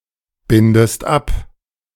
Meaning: inflection of abbinden: 1. second-person singular present 2. second-person singular subjunctive I
- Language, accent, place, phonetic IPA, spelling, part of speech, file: German, Germany, Berlin, [ˌbɪndəst ˈap], bindest ab, verb, De-bindest ab.ogg